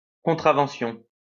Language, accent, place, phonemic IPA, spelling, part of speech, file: French, France, Lyon, /kɔ̃.tʁa.vɑ̃.sjɔ̃/, contravention, noun, LL-Q150 (fra)-contravention.wav
- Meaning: 1. act of contravening 2. traffic ticket, traffic fine 3. infraction, infringement, minor offence